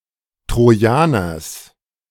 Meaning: genitive singular of Trojaner
- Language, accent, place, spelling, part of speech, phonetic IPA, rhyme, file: German, Germany, Berlin, Trojaners, noun, [tʁoˈjaːnɐs], -aːnɐs, De-Trojaners.ogg